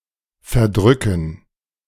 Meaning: 1. to sneak off 2. to press a wrong button, key, etc 3. to put away (to consume food or drink, especially in large quantities)
- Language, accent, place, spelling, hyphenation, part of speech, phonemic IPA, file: German, Germany, Berlin, verdrücken, ver‧drü‧cken, verb, /fɛɐ̯ˈdʁʏkn̩/, De-verdrücken.ogg